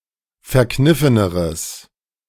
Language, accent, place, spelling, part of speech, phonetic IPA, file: German, Germany, Berlin, verkniffeneres, adjective, [fɛɐ̯ˈknɪfənəʁəs], De-verkniffeneres.ogg
- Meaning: strong/mixed nominative/accusative neuter singular comparative degree of verkniffen